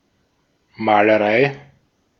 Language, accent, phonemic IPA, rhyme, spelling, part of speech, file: German, Austria, /ˌmaːləˈʁaɪ̯/, -aɪ̯, Malerei, noun, De-at-Malerei.ogg
- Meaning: painting (action or activity)